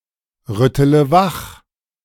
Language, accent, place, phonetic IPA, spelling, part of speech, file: German, Germany, Berlin, [ˌʁʏtələ ˈvax], rüttele wach, verb, De-rüttele wach.ogg
- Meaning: inflection of wachrütteln: 1. first-person singular present 2. first-person plural subjunctive I 3. third-person singular subjunctive I 4. singular imperative